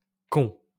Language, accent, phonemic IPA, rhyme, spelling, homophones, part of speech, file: French, France, /k‿ɔ̃/, -ɔ̃, qu'on, con / cons, contraction, LL-Q150 (fra)-qu'on.wav
- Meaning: que + on